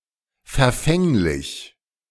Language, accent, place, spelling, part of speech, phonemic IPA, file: German, Germany, Berlin, verfänglich, adjective, /ˌfɛɐ̯ˈfɛŋlɪç/, De-verfänglich.ogg
- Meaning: 1. insidious, dangerous 2. embarrassing